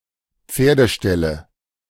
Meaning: nominative/accusative/genitive plural of Pferdestall
- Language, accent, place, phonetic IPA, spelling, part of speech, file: German, Germany, Berlin, [ˈp͡feːɐ̯dəˌʃtɛlə], Pferdeställe, noun, De-Pferdeställe.ogg